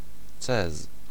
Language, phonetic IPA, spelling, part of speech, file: Polish, [t͡sɛs], cez, noun, Pl-cez.ogg